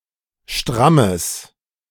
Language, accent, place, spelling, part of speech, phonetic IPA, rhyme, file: German, Germany, Berlin, strammes, adjective, [ˈʃtʁaməs], -aməs, De-strammes.ogg
- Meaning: strong/mixed nominative/accusative neuter singular of stramm